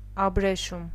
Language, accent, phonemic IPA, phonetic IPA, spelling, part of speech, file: Armenian, Eastern Armenian, /ɑbɾeˈʃum/, [ɑbɾeʃúm], աբրեշում, noun, Hy-աբրեշում.ogg
- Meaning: silk